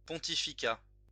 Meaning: pontificate (state of a pontifex)
- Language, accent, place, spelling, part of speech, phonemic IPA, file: French, France, Lyon, pontificat, noun, /pɔ̃.ti.fi.ka/, LL-Q150 (fra)-pontificat.wav